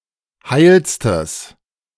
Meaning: strong/mixed nominative/accusative neuter singular superlative degree of heil
- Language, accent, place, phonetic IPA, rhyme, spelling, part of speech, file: German, Germany, Berlin, [ˈhaɪ̯lstəs], -aɪ̯lstəs, heilstes, adjective, De-heilstes.ogg